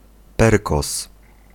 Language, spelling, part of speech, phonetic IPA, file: Polish, perkoz, noun, [ˈpɛrkɔs], Pl-perkoz.ogg